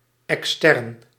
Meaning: 1. external 2. exterior
- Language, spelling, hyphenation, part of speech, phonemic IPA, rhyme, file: Dutch, extern, ex‧tern, adjective, /ɛksˈtɛrn/, -ɛrn, Nl-extern.ogg